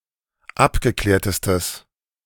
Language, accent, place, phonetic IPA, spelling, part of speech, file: German, Germany, Berlin, [ˈapɡəˌklɛːɐ̯təstəs], abgeklärtestes, adjective, De-abgeklärtestes.ogg
- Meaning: strong/mixed nominative/accusative neuter singular superlative degree of abgeklärt